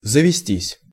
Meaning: 1. to be acquired [with у (u, + genitive) ‘by someone’] (idiomatically translated by English get or acquire with the object of у (u) as the subject) 2. to infest
- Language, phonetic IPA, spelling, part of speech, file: Russian, [zəvʲɪˈsʲtʲisʲ], завестись, verb, Ru-завестись.ogg